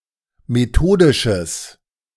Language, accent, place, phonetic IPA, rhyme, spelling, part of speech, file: German, Germany, Berlin, [meˈtoːdɪʃəs], -oːdɪʃəs, methodisches, adjective, De-methodisches.ogg
- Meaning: strong/mixed nominative/accusative neuter singular of methodisch